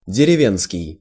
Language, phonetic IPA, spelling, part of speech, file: Russian, [dʲɪrʲɪˈvʲenskʲɪj], деревенский, adjective, Ru-деревенский.ogg
- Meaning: country, rural, rustic; (relational) village